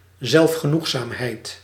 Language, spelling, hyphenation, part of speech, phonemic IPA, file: Dutch, zelfgenoegzaamheid, zelf‧ge‧noeg‧zaam‧heid, noun, /ˌzɛlf.xəˈnux.saːm.ɦɛi̯t/, Nl-zelfgenoegzaamheid.ogg
- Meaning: self-satisfaction, smugness, complacency (quality of being overly pleased with oneself and one's actions)